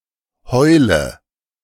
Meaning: inflection of heulen: 1. first-person singular present 2. singular imperative 3. first/third-person singular subjunctive I
- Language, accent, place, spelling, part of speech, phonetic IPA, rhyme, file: German, Germany, Berlin, heule, verb, [ˈhɔɪ̯lə], -ɔɪ̯lə, De-heule.ogg